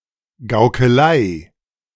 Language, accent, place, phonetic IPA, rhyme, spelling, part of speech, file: German, Germany, Berlin, [ɡaʊ̯kəˈlaɪ̯], -aɪ̯, Gaukelei, noun, De-Gaukelei.ogg
- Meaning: 1. jugglery, buffoonery 2. pretense, sham, trickery